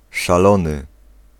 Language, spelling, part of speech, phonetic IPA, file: Polish, szalony, adjective / noun, [ʃaˈlɔ̃nɨ], Pl-szalony.ogg